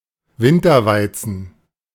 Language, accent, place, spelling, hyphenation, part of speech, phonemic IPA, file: German, Germany, Berlin, Winterweizen, Win‧ter‧wei‧zen, noun, /ˈvɪntɐˌvaɪ̯t͡sn̩/, De-Winterweizen.ogg
- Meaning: winter wheat